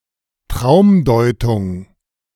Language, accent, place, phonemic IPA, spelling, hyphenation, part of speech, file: German, Germany, Berlin, /ˈtʁaʊ̯mˌdɔɪ̯tʊŋ/, Traumdeutung, Traum‧deu‧tung, noun, De-Traumdeutung.ogg
- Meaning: interpretation of dreams